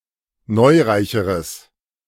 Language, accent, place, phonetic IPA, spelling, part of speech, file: German, Germany, Berlin, [ˈnɔɪ̯ˌʁaɪ̯çəʁəs], neureicheres, adjective, De-neureicheres.ogg
- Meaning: strong/mixed nominative/accusative neuter singular comparative degree of neureich